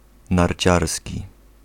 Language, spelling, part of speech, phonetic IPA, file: Polish, narciarski, adjective, [narʲˈt͡ɕarsʲci], Pl-narciarski.ogg